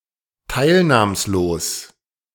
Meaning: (adjective) 1. impassive, indifferent 2. listless, lethargic; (adverb) indifferently; listlessly
- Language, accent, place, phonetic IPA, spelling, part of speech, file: German, Germany, Berlin, [ˈtaɪ̯lnaːmsˌloːs], teilnahmslos, adjective, De-teilnahmslos.ogg